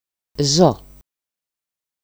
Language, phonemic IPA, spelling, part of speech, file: Greek, /ˈzo/, ζω, verb, EL-ζω.ogg
- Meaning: 1. to live 2. to live on, endure (continue to exist) 3. to support, sustain (financially)